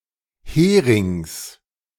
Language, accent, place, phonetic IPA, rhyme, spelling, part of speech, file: German, Germany, Berlin, [ˈheːʁɪŋs], -eːʁɪŋs, Herings, noun, De-Herings.ogg
- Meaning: genitive singular of Hering